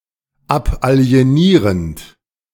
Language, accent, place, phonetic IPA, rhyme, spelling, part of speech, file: German, Germany, Berlin, [ˌapʔali̯eˈniːʁənt], -iːʁənt, abalienierend, verb, De-abalienierend.ogg
- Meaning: present participle of abalienieren